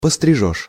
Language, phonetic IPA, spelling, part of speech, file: Russian, [pəstrʲɪˈʐoʂ], пострижёшь, verb, Ru-пострижёшь.ogg
- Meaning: second-person singular future indicative perfective of постри́чь (postríčʹ)